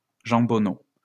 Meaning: knuckle of ham (lower part of a leg of pork)
- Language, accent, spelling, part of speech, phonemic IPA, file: French, France, jambonneau, noun, /ʒɑ̃.bɔ.no/, LL-Q150 (fra)-jambonneau.wav